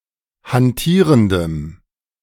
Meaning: strong dative masculine/neuter singular of hantierend
- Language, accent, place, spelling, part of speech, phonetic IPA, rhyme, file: German, Germany, Berlin, hantierendem, adjective, [hanˈtiːʁəndəm], -iːʁəndəm, De-hantierendem.ogg